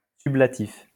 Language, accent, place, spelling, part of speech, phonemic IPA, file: French, France, Lyon, sublatif, noun, /sy.bla.tif/, LL-Q150 (fra)-sublatif.wav
- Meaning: sublative, sublative case